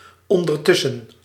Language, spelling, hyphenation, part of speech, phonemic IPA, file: Dutch, ondertussen, on‧der‧tus‧sen, adverb, /ˌɔn.dərˈtʏ.sə(n)/, Nl-ondertussen.ogg
- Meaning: meanwhile, in the meantime